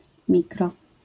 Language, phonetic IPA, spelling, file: Polish, [ˈmʲikrɔ], mikro-, LL-Q809 (pol)-mikro-.wav